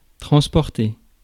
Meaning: to transport
- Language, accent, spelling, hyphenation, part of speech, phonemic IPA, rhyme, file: French, France, transporter, trans‧por‧ter, verb, /tʁɑ̃s.pɔʁ.te/, -e, Fr-transporter.ogg